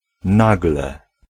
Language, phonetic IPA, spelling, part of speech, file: Polish, [ˈnaɡlɛ], nagle, adverb / noun, Pl-nagle.ogg